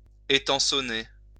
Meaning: to prop up or shore up
- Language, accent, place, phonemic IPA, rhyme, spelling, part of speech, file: French, France, Lyon, /e.tɑ̃.sɔ.ne/, -e, étançonner, verb, LL-Q150 (fra)-étançonner.wav